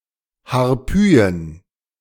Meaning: plural of Harpyie
- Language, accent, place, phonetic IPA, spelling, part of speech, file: German, Germany, Berlin, [haʁˈpyːjən], Harpyien, noun, De-Harpyien.ogg